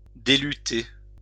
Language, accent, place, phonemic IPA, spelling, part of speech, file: French, France, Lyon, /de.ly.te/, déluter, verb, LL-Q150 (fra)-déluter.wav
- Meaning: to unlute